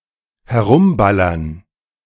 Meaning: to shoot in all directions
- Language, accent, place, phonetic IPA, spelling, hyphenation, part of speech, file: German, Germany, Berlin, [hɛˈʁʊmˌbalɐn], herumballern, he‧r‧um‧bal‧lern, verb, De-herumballern.ogg